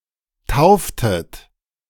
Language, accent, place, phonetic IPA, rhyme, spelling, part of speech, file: German, Germany, Berlin, [ˈtaʊ̯ftət], -aʊ̯ftət, tauftet, verb, De-tauftet.ogg
- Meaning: inflection of taufen: 1. second-person plural preterite 2. second-person plural subjunctive II